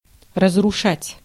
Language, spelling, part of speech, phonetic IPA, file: Russian, разрушать, verb, [rəzrʊˈʂatʲ], Ru-разрушать.ogg
- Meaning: 1. to destroy, to demolish, to wreck 2. to ruin 3. to frustrate, to blast, to blight, to wreck